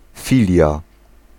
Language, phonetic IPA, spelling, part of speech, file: Polish, [ˈfʲilʲja], filia, noun, Pl-filia.ogg